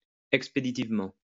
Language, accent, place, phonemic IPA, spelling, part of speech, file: French, France, Lyon, /ɛk.spe.di.tiv.mɑ̃/, expéditivement, adverb, LL-Q150 (fra)-expéditivement.wav
- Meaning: 1. expeditiously 2. hastily, hurriedly, perfunctorily